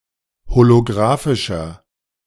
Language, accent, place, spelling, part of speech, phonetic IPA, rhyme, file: German, Germany, Berlin, holografischer, adjective, [holoˈɡʁaːfɪʃɐ], -aːfɪʃɐ, De-holografischer.ogg
- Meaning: inflection of holografisch: 1. strong/mixed nominative masculine singular 2. strong genitive/dative feminine singular 3. strong genitive plural